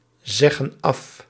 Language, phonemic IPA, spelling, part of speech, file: Dutch, /ˈzɛɣə(n) ˈɑf/, zeggen af, verb, Nl-zeggen af.ogg
- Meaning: inflection of afzeggen: 1. plural present indicative 2. plural present subjunctive